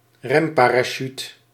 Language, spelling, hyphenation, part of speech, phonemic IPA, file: Dutch, remparachute, rem‧pa‧ra‧chute, noun, /ˈrɛm.paː.raːˌʃyt/, Nl-remparachute.ogg
- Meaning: braking parachute, brake parachute